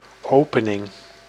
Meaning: 1. opening, gap 2. the act or process of being opened 3. opening (first moves of the game)
- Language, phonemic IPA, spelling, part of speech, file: Dutch, /ˈoːpənɪŋ/, opening, noun, Nl-opening.ogg